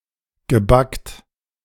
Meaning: past participle of backen
- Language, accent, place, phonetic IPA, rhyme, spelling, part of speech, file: German, Germany, Berlin, [ɡəˈbakt], -akt, gebackt, verb, De-gebackt.ogg